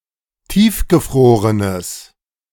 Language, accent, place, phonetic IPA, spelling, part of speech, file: German, Germany, Berlin, [ˈtiːfɡəˌfʁoːʁənəs], tiefgefrorenes, adjective, De-tiefgefrorenes.ogg
- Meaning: strong/mixed nominative/accusative neuter singular of tiefgefroren